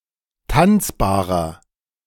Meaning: 1. comparative degree of tanzbar 2. inflection of tanzbar: strong/mixed nominative masculine singular 3. inflection of tanzbar: strong genitive/dative feminine singular
- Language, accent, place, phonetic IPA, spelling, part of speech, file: German, Germany, Berlin, [ˈtant͡sbaːʁɐ], tanzbarer, adjective, De-tanzbarer.ogg